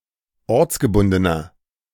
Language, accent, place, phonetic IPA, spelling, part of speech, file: German, Germany, Berlin, [ˈɔʁt͡sɡəˌbʊndənɐ], ortsgebundener, adjective, De-ortsgebundener.ogg
- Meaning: inflection of ortsgebunden: 1. strong/mixed nominative masculine singular 2. strong genitive/dative feminine singular 3. strong genitive plural